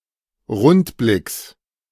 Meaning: genitive singular of Rundblick
- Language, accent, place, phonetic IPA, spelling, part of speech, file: German, Germany, Berlin, [ˈʁʊntˌblɪks], Rundblicks, noun, De-Rundblicks.ogg